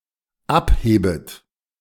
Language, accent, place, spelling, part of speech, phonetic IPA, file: German, Germany, Berlin, abhebet, verb, [ˈapˌheːbət], De-abhebet.ogg
- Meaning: second-person plural dependent subjunctive I of abheben